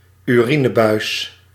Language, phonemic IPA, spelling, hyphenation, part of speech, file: Dutch, /yˈri.nəˌbœy̯s/, urinebuis, uri‧ne‧buis, noun, Nl-urinebuis.ogg
- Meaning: urethra